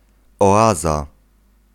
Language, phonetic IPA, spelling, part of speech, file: Polish, [ɔˈaza], oaza, noun, Pl-oaza.ogg